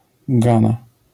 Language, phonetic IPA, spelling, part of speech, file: Polish, [ˈɡãna], Ghana, proper noun, LL-Q809 (pol)-Ghana.wav